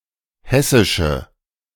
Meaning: inflection of hessisch: 1. strong/mixed nominative/accusative feminine singular 2. strong nominative/accusative plural 3. weak nominative all-gender singular
- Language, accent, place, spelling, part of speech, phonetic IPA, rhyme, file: German, Germany, Berlin, hessische, adjective, [ˈhɛsɪʃə], -ɛsɪʃə, De-hessische.ogg